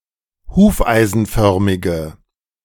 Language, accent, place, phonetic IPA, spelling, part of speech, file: German, Germany, Berlin, [ˈhuːfʔaɪ̯zn̩ˌfœʁmɪɡə], hufeisenförmige, adjective, De-hufeisenförmige.ogg
- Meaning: inflection of hufeisenförmig: 1. strong/mixed nominative/accusative feminine singular 2. strong nominative/accusative plural 3. weak nominative all-gender singular